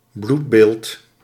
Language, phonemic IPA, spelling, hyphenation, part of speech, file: Dutch, /ˈblut.beːlt/, bloedbeeld, bloed‧beeld, noun, Nl-bloedbeeld.ogg
- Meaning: blood count